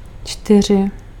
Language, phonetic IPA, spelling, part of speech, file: Czech, [ˈt͡ʃtɪr̝ɪ], čtyři, numeral, Cs-čtyři.ogg
- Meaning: four